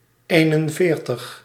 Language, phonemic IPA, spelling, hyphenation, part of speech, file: Dutch, /ˈeːnənˌveːrtəx/, eenenveertig, een‧en‧veer‧tig, numeral, Nl-eenenveertig.ogg
- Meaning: forty-one